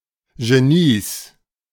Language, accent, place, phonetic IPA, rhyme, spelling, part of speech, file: German, Germany, Berlin, [ʒeˈniːs], -iːs, Genies, noun, De-Genies.ogg
- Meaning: 1. genitive singular of Genie 2. plural of Genie